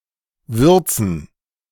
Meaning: 1. gerund of würzen 2. plural of Würze
- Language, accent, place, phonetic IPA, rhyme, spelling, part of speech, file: German, Germany, Berlin, [ˈvʏʁt͡sn̩], -ʏʁt͡sn̩, Würzen, noun, De-Würzen.ogg